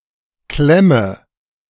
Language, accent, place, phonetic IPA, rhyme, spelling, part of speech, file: German, Germany, Berlin, [ˈklɛmə], -ɛmə, klemme, verb, De-klemme.ogg
- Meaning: inflection of klemmen: 1. first-person singular present 2. first/third-person singular subjunctive I 3. singular imperative